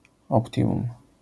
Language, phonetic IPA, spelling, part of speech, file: Polish, [ɔpˈtʲĩmũm], optimum, noun, LL-Q809 (pol)-optimum.wav